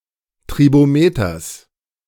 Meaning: genitive singular of Tribometer
- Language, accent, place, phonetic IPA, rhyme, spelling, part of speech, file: German, Germany, Berlin, [tʁiboˈmeːtɐs], -eːtɐs, Tribometers, noun, De-Tribometers.ogg